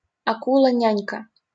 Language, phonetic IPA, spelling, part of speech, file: Russian, [ˈnʲænʲkə], нянька, noun, LL-Q7737 (rus)-нянька.wav
- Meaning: diminutive of ня́ня (njánja, “nurse, nanny, babysitter”)